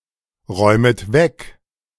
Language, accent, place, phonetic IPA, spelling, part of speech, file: German, Germany, Berlin, [ˌʁɔɪ̯mət ˈvɛk], räumet weg, verb, De-räumet weg.ogg
- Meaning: second-person plural subjunctive I of wegräumen